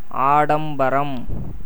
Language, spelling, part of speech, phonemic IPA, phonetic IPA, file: Tamil, ஆடம்பரம், noun, /ɑːɖɐmbɐɾɐm/, [äːɖɐmbɐɾɐm], Ta-ஆடம்பரம்.ogg
- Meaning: 1. show-off, profusion 2. pomp, ostentation, display, parade 3. din of musical instruments 4. elephant's roar